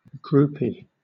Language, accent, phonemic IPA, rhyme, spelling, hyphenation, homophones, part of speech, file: English, Southern England, /ˈɡɹuːpi/, -uːpi, groupie, group‧ie, groupy, noun, LL-Q1860 (eng)-groupie.wav
- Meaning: A fan, especially a young female fan of a male singer or rock group, who seeks intimacy (most often physical, sometimes emotional) with a celebrity; usually with a rock 'n' roll artist or band member